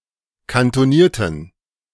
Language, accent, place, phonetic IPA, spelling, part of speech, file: German, Germany, Berlin, [kantoˈniːɐ̯tən], kantonierten, adjective, De-kantonierten.ogg
- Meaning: inflection of kantoniert: 1. strong genitive masculine/neuter singular 2. weak/mixed genitive/dative all-gender singular 3. strong/weak/mixed accusative masculine singular 4. strong dative plural